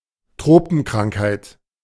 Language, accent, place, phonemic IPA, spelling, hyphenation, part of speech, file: German, Germany, Berlin, /ˈtʁoːpn̩ˌkʁaŋkhaɪ̯t/, Tropenkrankheit, Tro‧pen‧krank‧heit, noun, De-Tropenkrankheit.ogg
- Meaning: tropical disease